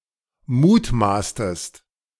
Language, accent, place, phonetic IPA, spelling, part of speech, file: German, Germany, Berlin, [ˈmuːtˌmaːstəst], mutmaßtest, verb, De-mutmaßtest.ogg
- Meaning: inflection of mutmaßen: 1. second-person singular preterite 2. second-person singular subjunctive II